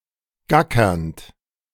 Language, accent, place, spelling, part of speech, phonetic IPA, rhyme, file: German, Germany, Berlin, gackernd, verb, [ˈɡakɐnt], -akɐnt, De-gackernd.ogg
- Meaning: present participle of gackern